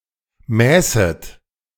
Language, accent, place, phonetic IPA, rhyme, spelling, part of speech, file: German, Germany, Berlin, [ˈmɛːsət], -ɛːsət, mäßet, verb, De-mäßet.ogg
- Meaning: second-person plural subjunctive II of messen